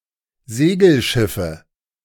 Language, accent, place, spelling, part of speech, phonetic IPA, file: German, Germany, Berlin, Segelschiffe, noun, [ˈzeːɡl̩ˌʃɪfə], De-Segelschiffe.ogg
- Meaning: nominative/accusative/genitive plural of Segelschiff